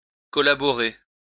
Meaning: to collaborate
- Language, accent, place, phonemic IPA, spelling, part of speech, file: French, France, Lyon, /kɔ.la.bɔ.ʁe/, collaborer, verb, LL-Q150 (fra)-collaborer.wav